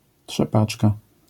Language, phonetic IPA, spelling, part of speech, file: Polish, [ṭʃɛˈpat͡ʃka], trzepaczka, noun, LL-Q809 (pol)-trzepaczka.wav